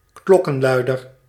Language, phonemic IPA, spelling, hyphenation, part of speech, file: Dutch, /ˈklɔ.kə(n)ˌlœy̯.dər/, klokkenluider, klok‧ken‧lui‧der, noun, Nl-klokkenluider.ogg
- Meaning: 1. a bell ringer, who sounds (a) bell(s), as in a church's bell tower 2. a whistle-blower; an insider who comes forward to make a scandal, etc. public